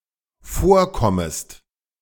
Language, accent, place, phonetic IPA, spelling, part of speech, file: German, Germany, Berlin, [ˈfoːɐ̯ˌkɔməst], vorkommest, verb, De-vorkommest.ogg
- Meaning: second-person singular dependent subjunctive I of vorkommen